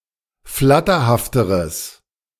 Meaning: strong/mixed nominative/accusative neuter singular comparative degree of flatterhaft
- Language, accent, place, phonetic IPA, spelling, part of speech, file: German, Germany, Berlin, [ˈflatɐhaftəʁəs], flatterhafteres, adjective, De-flatterhafteres.ogg